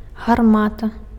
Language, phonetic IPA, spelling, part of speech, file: Belarusian, [ɣarˈmata], гармата, noun, Be-гармата.ogg
- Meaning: cannon